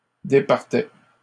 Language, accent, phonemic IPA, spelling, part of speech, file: French, Canada, /de.paʁ.tɛ/, départaient, verb, LL-Q150 (fra)-départaient.wav
- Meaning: third-person plural imperfect indicative of départir